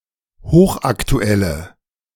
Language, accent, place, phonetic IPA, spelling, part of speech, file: German, Germany, Berlin, [ˈhoːxʔaktuˌɛlə], hochaktuelle, adjective, De-hochaktuelle.ogg
- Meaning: inflection of hochaktuell: 1. strong/mixed nominative/accusative feminine singular 2. strong nominative/accusative plural 3. weak nominative all-gender singular